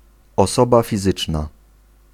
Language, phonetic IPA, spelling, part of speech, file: Polish, [ɔˈsɔba fʲiˈzɨt͡ʃna], osoba fizyczna, noun, Pl-osoba fizyczna.ogg